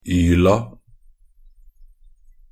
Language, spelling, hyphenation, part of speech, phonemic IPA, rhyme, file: Norwegian Bokmål, -yla, -yl‧a, suffix, /ˈyːla/, -yːla, Nb--yla.ogg
- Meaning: definite plural form of -yl